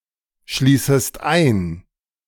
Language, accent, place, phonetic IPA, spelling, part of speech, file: German, Germany, Berlin, [ˌʃliːsəst ˈaɪ̯n], schließest ein, verb, De-schließest ein.ogg
- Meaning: second-person singular subjunctive I of einschließen